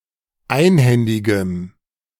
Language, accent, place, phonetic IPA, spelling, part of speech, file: German, Germany, Berlin, [ˈaɪ̯nˌhɛndɪɡəm], einhändigem, adjective, De-einhändigem.ogg
- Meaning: strong dative masculine/neuter singular of einhändig